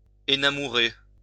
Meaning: alternative form of enamourer
- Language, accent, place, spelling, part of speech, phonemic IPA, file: French, France, Lyon, énamourer, verb, /e.na.mu.ʁe/, LL-Q150 (fra)-énamourer.wav